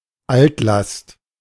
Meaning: 1. contaminated site, hazardous site 2. contaminated waste, hazardous material 3. legacy issue
- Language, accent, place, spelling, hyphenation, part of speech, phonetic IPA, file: German, Germany, Berlin, Altlast, Alt‧last, noun, [ˈaltˌlast], De-Altlast.ogg